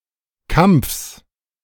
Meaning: genitive singular of Kampf
- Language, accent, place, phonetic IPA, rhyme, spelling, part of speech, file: German, Germany, Berlin, [kamp͡fs], -amp͡fs, Kampfs, noun, De-Kampfs.ogg